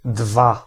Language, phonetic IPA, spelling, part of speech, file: Polish, [dva], dwa, adjective / noun, Pl-dwa.ogg